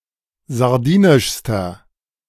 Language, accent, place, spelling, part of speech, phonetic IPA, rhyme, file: German, Germany, Berlin, sardinischster, adjective, [zaʁˈdiːnɪʃstɐ], -iːnɪʃstɐ, De-sardinischster.ogg
- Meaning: inflection of sardinisch: 1. strong/mixed nominative masculine singular superlative degree 2. strong genitive/dative feminine singular superlative degree 3. strong genitive plural superlative degree